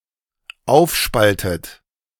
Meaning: inflection of aufspalten: 1. third-person singular dependent present 2. second-person plural dependent present 3. second-person plural dependent subjunctive I
- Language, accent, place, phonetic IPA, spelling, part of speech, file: German, Germany, Berlin, [ˈaʊ̯fˌʃpaltət], aufspaltet, verb, De-aufspaltet.ogg